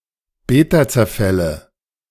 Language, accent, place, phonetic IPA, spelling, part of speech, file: German, Germany, Berlin, [ˈbeːtat͡sɛɐ̯ˌfɛlə], Betazerfälle, noun, De-Betazerfälle.ogg
- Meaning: nominative/accusative/genitive plural of Betazerfall